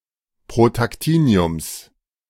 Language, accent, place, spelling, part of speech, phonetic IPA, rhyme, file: German, Germany, Berlin, Protactiniums, noun, [pʁotakˈtiːni̯ʊms], -iːni̯ʊms, De-Protactiniums.ogg
- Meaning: genitive singular of Protactinium